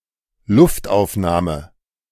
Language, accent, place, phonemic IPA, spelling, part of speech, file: German, Germany, Berlin, /ˈlʊftʔaʊ̯fnaːmə/, Luftaufnahme, noun, De-Luftaufnahme.ogg
- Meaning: aerial photograph